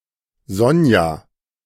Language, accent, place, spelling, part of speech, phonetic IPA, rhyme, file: German, Germany, Berlin, Sonja, proper noun, [ˈzɔnja], -ɔnja, De-Sonja.ogg
- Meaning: a female given name, equivalent to English Sonya